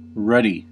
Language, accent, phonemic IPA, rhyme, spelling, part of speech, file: English, US, /ˈɹʌdi/, -ʌdi, ruddy, adjective / adverb / noun / verb, En-us-ruddy.ogg
- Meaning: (adjective) 1. Reddish in color, especially of the face, fire, or sky 2. Robust and vigorous, like a person with a red complexion (as compared to a pale one)